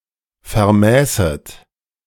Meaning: second-person plural subjunctive II of vermessen
- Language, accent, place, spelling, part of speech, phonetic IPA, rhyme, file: German, Germany, Berlin, vermäßet, verb, [fɛɐ̯ˈmɛːsət], -ɛːsət, De-vermäßet.ogg